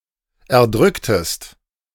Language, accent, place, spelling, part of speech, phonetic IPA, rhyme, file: German, Germany, Berlin, erdrücktest, verb, [ɛɐ̯ˈdʁʏktəst], -ʏktəst, De-erdrücktest.ogg
- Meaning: inflection of erdrücken: 1. second-person singular preterite 2. second-person singular subjunctive II